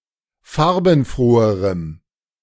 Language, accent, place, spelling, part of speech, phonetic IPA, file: German, Germany, Berlin, farbenfroherem, adjective, [ˈfaʁbn̩ˌfʁoːəʁəm], De-farbenfroherem.ogg
- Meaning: strong dative masculine/neuter singular comparative degree of farbenfroh